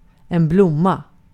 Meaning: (noun) 1. a flower 2. wife; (verb) to flower, to bloom, to blossom
- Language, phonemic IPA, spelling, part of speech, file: Swedish, /blʊ.mːa/, blomma, noun / verb, Sv-blomma.ogg